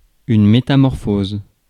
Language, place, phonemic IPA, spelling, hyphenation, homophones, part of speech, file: French, Paris, /me.ta.mɔʁ.foz/, métamorphose, mé‧ta‧mor‧pho‧se, métamorphosent / métamorphoses, noun / verb, Fr-métamorphose.ogg
- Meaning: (noun) metamorphosis; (verb) inflection of métamorphoser: 1. first/third-person singular present indicative/subjunctive 2. second-person singular imperative